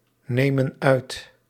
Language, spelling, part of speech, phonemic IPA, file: Dutch, nemen uit, verb, /ˈnemə(n) ˈœyt/, Nl-nemen uit.ogg
- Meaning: inflection of uitnemen: 1. plural present indicative 2. plural present subjunctive